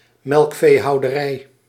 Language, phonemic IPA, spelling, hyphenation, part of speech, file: Dutch, /ˈmɛlk.feː.ɦɑu̯.dəˌrɛi̯/, melkveehouderij, melk‧vee‧hou‧de‧rij, noun, Nl-melkveehouderij.ogg
- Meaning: 1. dairy husbandry, milk husbandry 2. dairy farm, milk farm (farm where animals are raised for their milk)